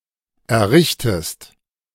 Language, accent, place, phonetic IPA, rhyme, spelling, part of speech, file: German, Germany, Berlin, [ɛɐ̯ˈʁɪçtəst], -ɪçtəst, errichtest, verb, De-errichtest.ogg
- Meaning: inflection of errichten: 1. second-person singular present 2. second-person singular subjunctive I